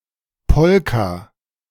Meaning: polka (genre of dance and music)
- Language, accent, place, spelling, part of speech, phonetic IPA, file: German, Germany, Berlin, Polka, noun, [ˈpɔlka], De-Polka.ogg